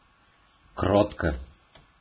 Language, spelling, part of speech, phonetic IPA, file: Russian, кротко, adverb / adjective, [ˈkrotkə], Ru-кротко.ogg
- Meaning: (adverb) gently, meekly; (adjective) short neuter singular of кро́ткий (krótkij)